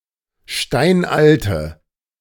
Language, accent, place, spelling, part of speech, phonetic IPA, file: German, Germany, Berlin, steinalte, adjective, [ˈʃtaɪ̯nʔaltə], De-steinalte.ogg
- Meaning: inflection of steinalt: 1. strong/mixed nominative/accusative feminine singular 2. strong nominative/accusative plural 3. weak nominative all-gender singular